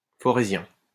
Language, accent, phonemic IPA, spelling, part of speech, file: French, France, /fɔ.ʁe.zjɛ̃/, forézien, adjective / noun, LL-Q150 (fra)-forézien.wav
- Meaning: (adjective) 1. of Feurs 2. Forezian, of Forez; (noun) A Franco-Provençal variety spoken in Forez